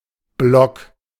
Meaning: 1. bloc 2. block (thick, roughly cuboid object, e.g. cake of soap, block of ice, wood, etc.) 3. block (large building or group of such) 4. pad (of paper)
- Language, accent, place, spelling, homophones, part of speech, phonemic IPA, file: German, Germany, Berlin, Block, Blog / blogg / block, noun, /blɔk/, De-Block.ogg